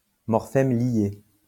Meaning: bound morpheme
- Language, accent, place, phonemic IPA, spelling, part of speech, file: French, France, Lyon, /mɔʁ.fɛm lje/, morphème lié, noun, LL-Q150 (fra)-morphème lié.wav